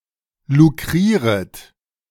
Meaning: second-person plural subjunctive I of lukrieren
- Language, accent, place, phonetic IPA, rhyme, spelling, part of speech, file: German, Germany, Berlin, [luˈkʁiːʁət], -iːʁət, lukrieret, verb, De-lukrieret.ogg